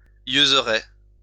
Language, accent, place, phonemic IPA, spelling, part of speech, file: French, France, Lyon, /jøz.ʁɛ/, yeuseraie, noun, LL-Q150 (fra)-yeuseraie.wav
- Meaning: alternative form of yeusaie